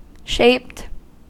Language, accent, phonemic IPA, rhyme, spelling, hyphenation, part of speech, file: English, US, /ʃeɪpt/, -eɪpt, shaped, shaped, adjective / verb, En-us-shaped.ogg
- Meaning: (adjective) Having been given a shape, especially a curved shape